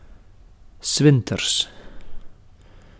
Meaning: in the winter
- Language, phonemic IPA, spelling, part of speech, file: Dutch, /ˈsʋɪn.tərs/, 's winters, adverb, Nl-'s winters.ogg